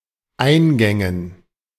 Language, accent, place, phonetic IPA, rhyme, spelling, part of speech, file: German, Germany, Berlin, [ˈaɪ̯nˌɡɛŋən], -aɪ̯nɡɛŋən, Eingängen, noun, De-Eingängen.ogg
- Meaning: dative plural of Eingang